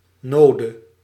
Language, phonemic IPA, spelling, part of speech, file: Dutch, /ˈnodə/, node, adverb / verb / noun, Nl-node.ogg
- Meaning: dative singular of nood